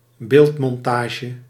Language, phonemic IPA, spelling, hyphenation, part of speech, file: Dutch, /ˈbeːlt.mɔnˌtaː.ʒə/, beeldmontage, beeld‧mon‧ta‧ge, noun, Nl-beeldmontage.ogg
- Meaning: a montage composed from various pictures or (e.g. film) images